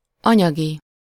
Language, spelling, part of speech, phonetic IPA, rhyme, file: Hungarian, anyagi, adjective / noun, [ˈɒɲɒɡi], -ɡi, Hu-anyagi.ogg
- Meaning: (adjective) 1. material 2. monetary, pecuniary, financial; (noun) funds, wherewithal (material resources)